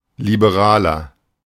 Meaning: 1. Liberal (male or of unspecified gender) 2. inflection of Liberale: strong genitive/dative singular 3. inflection of Liberale: strong genitive plural
- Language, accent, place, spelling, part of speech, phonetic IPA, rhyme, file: German, Germany, Berlin, Liberaler, noun, [libeˈʁaːlɐ], -aːlɐ, De-Liberaler.ogg